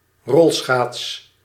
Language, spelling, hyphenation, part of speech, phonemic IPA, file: Dutch, rolschaats, rol‧schaats, noun / verb, /ˈrɔl.sxaːts/, Nl-rolschaats.ogg
- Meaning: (noun) roller-skate; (verb) inflection of rolschaatsen: 1. first-person singular present indicative 2. second-person singular present indicative 3. imperative